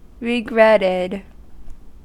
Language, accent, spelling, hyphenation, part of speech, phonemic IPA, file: English, US, regretted, re‧gret‧ted, verb, /ɹɪˈɡɹɛtɪd/, En-us-regretted.ogg
- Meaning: simple past and past participle of regret